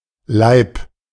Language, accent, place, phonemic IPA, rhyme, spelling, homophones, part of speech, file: German, Germany, Berlin, /laɪ̯p/, -aɪ̯p, Leib, Laib, noun, De-Leib.ogg
- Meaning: 1. body 2. by semantic narrowing more specifically: trunk, torso 3. by semantic narrowing more specifically: belly, abdomen, stomach 4. by semantic narrowing more specifically: womb